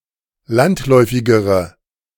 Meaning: inflection of landläufig: 1. strong/mixed nominative/accusative feminine singular comparative degree 2. strong nominative/accusative plural comparative degree
- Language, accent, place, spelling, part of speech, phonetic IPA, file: German, Germany, Berlin, landläufigere, adjective, [ˈlantˌlɔɪ̯fɪɡəʁə], De-landläufigere.ogg